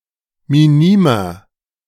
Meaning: inflection of minim: 1. strong/mixed nominative masculine singular 2. strong genitive/dative feminine singular 3. strong genitive plural
- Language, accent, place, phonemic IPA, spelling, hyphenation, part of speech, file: German, Germany, Berlin, /miˈniːmɐ/, minimer, mi‧ni‧mer, adjective, De-minimer.ogg